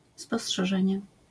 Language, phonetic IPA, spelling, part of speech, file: Polish, [ˌspɔsṭʃɛˈʒɛ̃ɲɛ], spostrzeżenie, noun, LL-Q809 (pol)-spostrzeżenie.wav